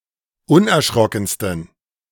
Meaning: 1. superlative degree of unerschrocken 2. inflection of unerschrocken: strong genitive masculine/neuter singular superlative degree
- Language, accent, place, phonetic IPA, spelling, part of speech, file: German, Germany, Berlin, [ˈʊnʔɛɐ̯ˌʃʁɔkn̩stən], unerschrockensten, adjective, De-unerschrockensten.ogg